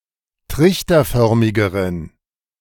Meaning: inflection of trichterförmig: 1. strong genitive masculine/neuter singular comparative degree 2. weak/mixed genitive/dative all-gender singular comparative degree
- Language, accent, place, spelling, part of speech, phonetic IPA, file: German, Germany, Berlin, trichterförmigeren, adjective, [ˈtʁɪçtɐˌfœʁmɪɡəʁən], De-trichterförmigeren.ogg